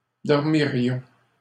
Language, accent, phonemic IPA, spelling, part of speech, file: French, Canada, /dɔʁ.mi.ʁjɔ̃/, dormirions, verb, LL-Q150 (fra)-dormirions.wav
- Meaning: first-person plural conditional of dormir